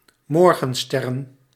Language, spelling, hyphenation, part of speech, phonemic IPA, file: Dutch, morgensterren, mor‧gen‧ster‧ren, noun, /ˈmɔrɣə(n)ˌstɛrə(n)/, Nl-morgensterren.ogg
- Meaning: plural of morgenster